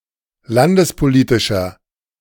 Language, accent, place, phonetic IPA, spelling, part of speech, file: German, Germany, Berlin, [ˈlandəspoˌliːtɪʃɐ], landespolitischer, adjective, De-landespolitischer.ogg
- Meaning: inflection of landespolitisch: 1. strong/mixed nominative masculine singular 2. strong genitive/dative feminine singular 3. strong genitive plural